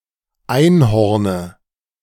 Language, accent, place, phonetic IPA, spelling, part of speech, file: German, Germany, Berlin, [ˈaɪ̯nˌhɔʁnə], Einhorne, noun, De-Einhorne.ogg
- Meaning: dative singular of Einhorn